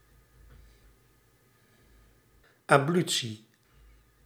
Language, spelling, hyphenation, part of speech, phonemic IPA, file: Dutch, ablutie, ab‧lu‧tie, noun, /ˌɑpˈly.(t)si/, Nl-ablutie.ogg
- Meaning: 1. ablution, ritual washing 2. ablution, rinsing of the wine vessel and the priest's hand after Communion